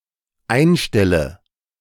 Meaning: inflection of einstellen: 1. first-person singular dependent present 2. first/third-person singular dependent subjunctive I
- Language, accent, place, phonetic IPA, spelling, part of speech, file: German, Germany, Berlin, [ˈaɪ̯nˌʃtɛlə], einstelle, verb, De-einstelle.ogg